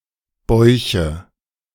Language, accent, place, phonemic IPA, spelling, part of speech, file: German, Germany, Berlin, /bɔʏ̯çə/, Bäuche, noun, De-Bäuche2.ogg
- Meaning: nominative/accusative/genitive plural of Bauch